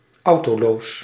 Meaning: carless
- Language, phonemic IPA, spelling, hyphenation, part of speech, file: Dutch, /ˈɑu̯.toːˌloːs/, autoloos, au‧to‧loos, adjective, Nl-autoloos.ogg